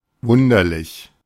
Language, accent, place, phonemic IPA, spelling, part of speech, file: German, Germany, Berlin, /ˈvʊndɐlɪç/, wunderlich, adjective, De-wunderlich.ogg
- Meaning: quaint, bizarre, strange